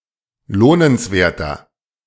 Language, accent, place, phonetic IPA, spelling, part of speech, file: German, Germany, Berlin, [ˈloːnənsˌveːɐ̯tɐ], lohnenswerter, adjective, De-lohnenswerter.ogg
- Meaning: 1. comparative degree of lohnenswert 2. inflection of lohnenswert: strong/mixed nominative masculine singular 3. inflection of lohnenswert: strong genitive/dative feminine singular